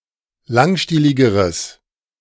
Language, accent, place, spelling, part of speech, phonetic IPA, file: German, Germany, Berlin, langstieligeres, adjective, [ˈlaŋˌʃtiːlɪɡəʁəs], De-langstieligeres.ogg
- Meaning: strong/mixed nominative/accusative neuter singular comparative degree of langstielig